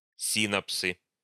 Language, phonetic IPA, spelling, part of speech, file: Russian, [ˈsʲinəpsɨ], синапсы, noun, Ru-синапсы.ogg
- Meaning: nominative/accusative plural of си́напс (sínaps)